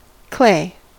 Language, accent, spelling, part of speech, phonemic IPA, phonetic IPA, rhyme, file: English, US, clay, noun / verb, /kleɪ/, [kl̥eɪ], -eɪ, En-us-clay.ogg
- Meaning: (noun) 1. A mineral substance made up of small crystals of silica and alumina, that is ductile when moist; the material of pre-fired ceramics 2. An earth material with ductile qualities